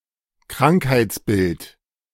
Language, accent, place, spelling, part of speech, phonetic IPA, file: German, Germany, Berlin, Krankheitsbild, noun, [ˈkʁaŋkhaɪ̯t͡sˌbɪlt], De-Krankheitsbild.ogg
- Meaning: 1. syndrome, disorder, disease 2. symptoms